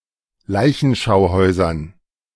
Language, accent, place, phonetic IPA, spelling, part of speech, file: German, Germany, Berlin, [ˈlaɪ̯çn̩ʃaʊ̯ˌhɔɪ̯zɐn], Leichenschauhäusern, noun, De-Leichenschauhäusern.ogg
- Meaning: dative plural of Leichenschauhaus